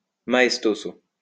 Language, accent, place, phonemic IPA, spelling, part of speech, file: French, France, Lyon, /ma.ɛs.to.zo/, maestoso, adverb, LL-Q150 (fra)-maestoso.wav
- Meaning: maestoso